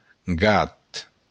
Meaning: a cat
- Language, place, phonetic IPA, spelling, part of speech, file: Occitan, Béarn, [ɡat], gat, noun, LL-Q14185 (oci)-gat.wav